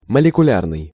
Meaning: molecular
- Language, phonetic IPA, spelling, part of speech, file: Russian, [məlʲɪkʊˈlʲarnɨj], молекулярный, adjective, Ru-молекулярный.ogg